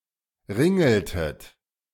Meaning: inflection of ringeln: 1. second-person plural preterite 2. second-person plural subjunctive II
- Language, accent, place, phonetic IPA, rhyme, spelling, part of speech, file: German, Germany, Berlin, [ˈʁɪŋl̩tət], -ɪŋl̩tət, ringeltet, verb, De-ringeltet.ogg